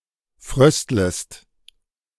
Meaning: second-person singular subjunctive I of frösteln
- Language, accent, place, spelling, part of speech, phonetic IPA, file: German, Germany, Berlin, fröstlest, verb, [ˈfʁœstləst], De-fröstlest.ogg